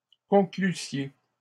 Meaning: second-person plural imperfect subjunctive of conclure
- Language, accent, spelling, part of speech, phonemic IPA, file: French, Canada, conclussiez, verb, /kɔ̃.kly.sje/, LL-Q150 (fra)-conclussiez.wav